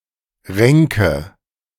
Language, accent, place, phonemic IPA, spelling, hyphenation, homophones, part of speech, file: German, Germany, Berlin, /ˈʁɛŋkə/, Renke, Ren‧ke, Ränke / renke, noun, De-Renke.ogg
- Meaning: whitefish (any of several species of fish in the genus Coregonus)